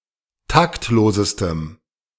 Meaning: strong dative masculine/neuter singular superlative degree of taktlos
- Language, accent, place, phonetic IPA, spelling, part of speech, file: German, Germany, Berlin, [ˈtaktˌloːzəstəm], taktlosestem, adjective, De-taktlosestem.ogg